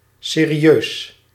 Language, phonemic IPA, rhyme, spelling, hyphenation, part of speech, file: Dutch, /seː.riˈøːs/, -øːs, serieus, se‧ri‧eus, adjective, Nl-serieus.ogg
- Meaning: serious